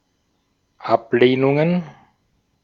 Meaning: plural of Ablehnung
- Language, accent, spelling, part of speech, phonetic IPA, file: German, Austria, Ablehnungen, noun, [ˈapˌleːnʊŋən], De-at-Ablehnungen.ogg